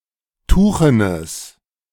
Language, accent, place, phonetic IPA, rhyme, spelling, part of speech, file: German, Germany, Berlin, [ˈtuːxənəs], -uːxənəs, tuchenes, adjective, De-tuchenes.ogg
- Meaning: strong/mixed nominative/accusative neuter singular of tuchen